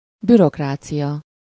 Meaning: bureaucracy (structure and regulations in place to control activity)
- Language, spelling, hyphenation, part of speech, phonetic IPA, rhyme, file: Hungarian, bürokrácia, bü‧rok‧rá‧cia, noun, [ˈbyrokraːt͡sijɒ], -jɒ, Hu-bürokrácia.ogg